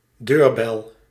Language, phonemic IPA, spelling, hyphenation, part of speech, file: Dutch, /ˈdøːrbɛl/, deurbel, deur‧bel, noun, Nl-deurbel.ogg
- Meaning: doorbell